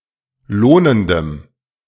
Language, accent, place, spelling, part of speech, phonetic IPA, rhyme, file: German, Germany, Berlin, lohnendem, adjective, [ˈloːnəndəm], -oːnəndəm, De-lohnendem.ogg
- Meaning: strong dative masculine/neuter singular of lohnend